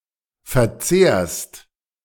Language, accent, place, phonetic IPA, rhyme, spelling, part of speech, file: German, Germany, Berlin, [fɛɐ̯ˈt͡seːɐ̯st], -eːɐ̯st, verzehrst, verb, De-verzehrst.ogg
- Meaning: second-person singular present of verzehren